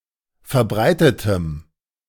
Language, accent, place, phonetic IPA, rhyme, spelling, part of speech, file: German, Germany, Berlin, [fɛɐ̯ˈbʁaɪ̯tətəm], -aɪ̯tətəm, verbreitetem, adjective, De-verbreitetem.ogg
- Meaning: strong dative masculine/neuter singular of verbreitet